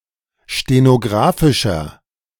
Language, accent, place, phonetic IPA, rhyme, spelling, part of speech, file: German, Germany, Berlin, [ʃtenoˈɡʁaːfɪʃɐ], -aːfɪʃɐ, stenographischer, adjective, De-stenographischer.ogg
- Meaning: inflection of stenographisch: 1. strong/mixed nominative masculine singular 2. strong genitive/dative feminine singular 3. strong genitive plural